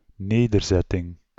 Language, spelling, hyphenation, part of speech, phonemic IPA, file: Dutch, nederzetting, ne‧der‧zet‧ting, noun, /ˈneː.dərˌzɛ.tɪŋ/, Nl-nederzetting.ogg
- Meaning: settlement (a territory where a population have established residence)